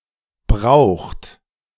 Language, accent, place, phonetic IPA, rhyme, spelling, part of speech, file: German, Germany, Berlin, [bʁaʊ̯xt], -aʊ̯xt, braucht, verb, De-braucht.ogg
- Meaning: inflection of brauchen: 1. third-person singular present 2. second-person plural present 3. plural imperative